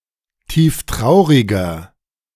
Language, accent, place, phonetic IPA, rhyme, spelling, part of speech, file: German, Germany, Berlin, [ˌtiːfˈtʁaʊ̯ʁɪɡɐ], -aʊ̯ʁɪɡɐ, tieftrauriger, adjective, De-tieftrauriger.ogg
- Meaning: inflection of tieftraurig: 1. strong/mixed nominative masculine singular 2. strong genitive/dative feminine singular 3. strong genitive plural